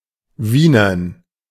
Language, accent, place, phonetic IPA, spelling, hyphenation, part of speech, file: German, Germany, Berlin, [ˈviːnɐn], wienern, wie‧nern, verb, De-wienern.ogg
- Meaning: 1. to shine, polish 2. to speak with a Viennese accent